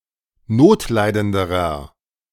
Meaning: inflection of notleidend: 1. strong/mixed nominative masculine singular comparative degree 2. strong genitive/dative feminine singular comparative degree 3. strong genitive plural comparative degree
- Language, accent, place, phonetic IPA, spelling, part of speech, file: German, Germany, Berlin, [ˈnoːtˌlaɪ̯dəndəʁɐ], notleidenderer, adjective, De-notleidenderer.ogg